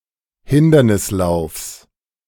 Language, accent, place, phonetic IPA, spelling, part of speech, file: German, Germany, Berlin, [ˈhɪndɐnɪsˌlaʊ̯fs], Hindernislaufs, noun, De-Hindernislaufs.ogg
- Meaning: genitive singular of Hindernislauf